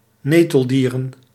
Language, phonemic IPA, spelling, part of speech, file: Dutch, /ˈnetəlˌdirə(n)/, neteldieren, noun, Nl-neteldieren.ogg
- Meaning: plural of neteldier